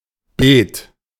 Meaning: bed (for plants)
- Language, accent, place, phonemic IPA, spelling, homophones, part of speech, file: German, Germany, Berlin, /beːt/, Beet, bet, noun, De-Beet.ogg